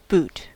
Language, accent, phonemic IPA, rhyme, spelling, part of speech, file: English, US, /but/, -uːt, boot, noun / verb, En-us-boot.ogg
- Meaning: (noun) A heavy shoe that covers part of the leg